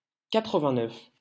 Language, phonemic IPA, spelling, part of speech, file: French, /ka.tʁə.vɛ̃.nœf/, quatre-vingt-neuf, numeral, LL-Q150 (fra)-quatre-vingt-neuf.wav
- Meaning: eighty-nine